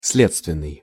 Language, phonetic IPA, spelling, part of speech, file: Russian, [ˈs⁽ʲ⁾lʲet͡stvʲɪn(ː)ɨj], следственный, adjective, Ru-следственный.ogg
- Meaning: investigation; investigative, investigatory